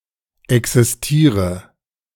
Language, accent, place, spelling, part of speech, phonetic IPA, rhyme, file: German, Germany, Berlin, existiere, verb, [ˌɛksɪsˈtiːʁə], -iːʁə, De-existiere.ogg
- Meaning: inflection of existieren: 1. first-person singular present 2. singular imperative 3. first/third-person singular subjunctive I